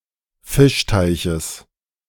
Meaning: genitive of Fischteich
- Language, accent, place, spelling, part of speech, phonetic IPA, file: German, Germany, Berlin, Fischteiches, noun, [ˈfɪʃˌtaɪ̯çəs], De-Fischteiches.ogg